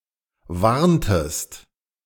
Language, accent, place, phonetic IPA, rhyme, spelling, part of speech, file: German, Germany, Berlin, [ˈvaʁntəst], -aʁntəst, warntest, verb, De-warntest.ogg
- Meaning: inflection of warnen: 1. second-person singular preterite 2. second-person singular subjunctive II